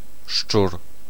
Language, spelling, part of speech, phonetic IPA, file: Polish, szczur, noun, [ʃt͡ʃur], Pl-szczur.ogg